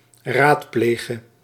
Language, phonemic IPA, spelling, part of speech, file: Dutch, /ˈmakə/, raadplege, verb, Nl-raadplege.ogg
- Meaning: singular present subjunctive of raadplegen